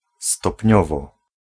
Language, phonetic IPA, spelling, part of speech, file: Polish, [stɔpʲˈɲɔvɔ], stopniowo, adverb, Pl-stopniowo.ogg